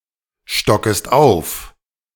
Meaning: second-person singular subjunctive I of aufstocken
- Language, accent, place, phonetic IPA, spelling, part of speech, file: German, Germany, Berlin, [ˌʃtɔkəst ˈaʊ̯f], stockest auf, verb, De-stockest auf.ogg